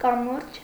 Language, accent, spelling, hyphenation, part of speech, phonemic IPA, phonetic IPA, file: Armenian, Eastern Armenian, կամուրջ, կա‧մուրջ, noun, /kɑˈmuɾd͡ʒ/, [kɑmúɾd͡ʒ], Hy-կամուրջ.ogg
- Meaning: bridge